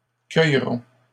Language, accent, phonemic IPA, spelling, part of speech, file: French, Canada, /kœj.ʁɔ̃/, cueilleront, verb, LL-Q150 (fra)-cueilleront.wav
- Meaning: third-person plural future of cueillir